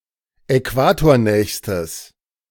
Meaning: strong/mixed nominative/accusative neuter singular superlative degree of äquatornah
- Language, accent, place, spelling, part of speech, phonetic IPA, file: German, Germany, Berlin, äquatornächstes, adjective, [ɛˈkvaːtoːɐ̯ˌnɛːçstəs], De-äquatornächstes.ogg